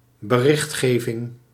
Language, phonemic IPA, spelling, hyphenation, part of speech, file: Dutch, /bəˈrɪxtˌxeː.vɪŋ/, berichtgeving, be‧richt‧ge‧ving, noun, Nl-berichtgeving.ogg
- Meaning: 1. notice, reporting 2. reporting, coverage